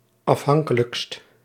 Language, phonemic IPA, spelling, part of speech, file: Dutch, /ɑfˈɦɑŋkələkst/, afhankelijkst, adjective, Nl-afhankelijkst.ogg
- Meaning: superlative degree of afhankelijk